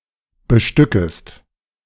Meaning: second-person singular subjunctive I of bestücken
- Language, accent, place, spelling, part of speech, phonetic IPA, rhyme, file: German, Germany, Berlin, bestückest, verb, [bəˈʃtʏkəst], -ʏkəst, De-bestückest.ogg